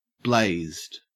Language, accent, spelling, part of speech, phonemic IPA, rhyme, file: English, Australia, blazed, adjective / verb, /bleɪzd/, -eɪzd, En-au-blazed.ogg
- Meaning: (adjective) Under the influence of marijuana, usually at a relatively high dose; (verb) simple past and past participle of blaze